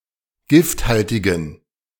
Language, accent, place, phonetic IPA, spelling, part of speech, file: German, Germany, Berlin, [ˈɡɪftˌhaltɪɡn̩], gifthaltigen, adjective, De-gifthaltigen.ogg
- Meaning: inflection of gifthaltig: 1. strong genitive masculine/neuter singular 2. weak/mixed genitive/dative all-gender singular 3. strong/weak/mixed accusative masculine singular 4. strong dative plural